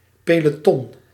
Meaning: 1. platoon 2. peloton
- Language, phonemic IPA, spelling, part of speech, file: Dutch, /peloˈtɔn/, peloton, noun, Nl-peloton.ogg